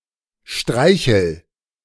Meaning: inflection of streicheln: 1. first-person singular present 2. singular imperative
- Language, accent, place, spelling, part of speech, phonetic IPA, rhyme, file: German, Germany, Berlin, streichel, verb, [ˈʃtʁaɪ̯çl̩], -aɪ̯çl̩, De-streichel.ogg